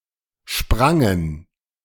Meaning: first/third-person plural preterite of springen
- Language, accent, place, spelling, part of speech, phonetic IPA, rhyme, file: German, Germany, Berlin, sprangen, verb, [ˈʃpʁaŋən], -aŋən, De-sprangen.ogg